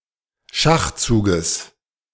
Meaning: genitive of Schachzug
- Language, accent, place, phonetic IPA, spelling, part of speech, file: German, Germany, Berlin, [ˈʃaxˌt͡suːɡəs], Schachzuges, noun, De-Schachzuges.ogg